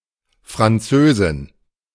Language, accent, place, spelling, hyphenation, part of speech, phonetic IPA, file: German, Germany, Berlin, Französin, Fran‧zö‧sin, noun, [fʀanˈtsøːzɪn], De-Französin.ogg
- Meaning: Frenchwoman (a French woman)